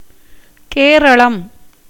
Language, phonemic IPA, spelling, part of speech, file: Tamil, /keːɾɐɭɐm/, கேரளம், proper noun, Ta-கேரளம்.ogg
- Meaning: 1. Kerala (a state in southern India) 2. the Chera kingdom 3. the Malayalam language